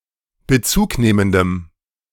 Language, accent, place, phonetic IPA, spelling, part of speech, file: German, Germany, Berlin, [bəˈt͡suːkˌneːməndəm], bezugnehmendem, adjective, De-bezugnehmendem.ogg
- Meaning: strong dative masculine/neuter singular of bezugnehmend